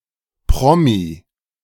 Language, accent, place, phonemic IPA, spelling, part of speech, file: German, Germany, Berlin, /ˈpʁɔmi/, Promi, noun, De-Promi.ogg
- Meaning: celeb